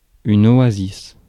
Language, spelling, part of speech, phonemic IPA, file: French, oasis, noun, /ɔ.a.zis/, Fr-oasis.ogg
- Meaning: oasis